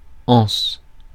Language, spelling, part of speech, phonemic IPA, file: French, anse, noun, /ɑ̃s/, Fr-anse.ogg
- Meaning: 1. an arc segment, from which an object is suspended 2. a handle, part of an object to be hand-held when used or moved 3. a small bay (body of water) 4. archaic form of hanse (“hansa”)